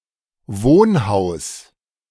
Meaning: 1. residential building 2. dwellinghouse, residence
- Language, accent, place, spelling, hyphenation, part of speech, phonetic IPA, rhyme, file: German, Germany, Berlin, Wohnhaus, Wohn‧haus, noun, [ˈvoːnˌhaʊ̯s], -aʊ̯s, De-Wohnhaus.ogg